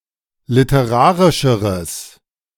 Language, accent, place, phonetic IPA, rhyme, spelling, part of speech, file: German, Germany, Berlin, [lɪtəˈʁaːʁɪʃəʁəs], -aːʁɪʃəʁəs, literarischeres, adjective, De-literarischeres.ogg
- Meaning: strong/mixed nominative/accusative neuter singular comparative degree of literarisch